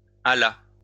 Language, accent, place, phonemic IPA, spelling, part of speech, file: French, France, Lyon, /a.la/, hala, verb, LL-Q150 (fra)-hala.wav
- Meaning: third-person singular past historic of haler